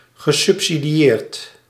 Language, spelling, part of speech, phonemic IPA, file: Dutch, gesubsidieerd, verb, /ɣəˌsʏpsidiˈjert/, Nl-gesubsidieerd.ogg
- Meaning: past participle of subsidiëren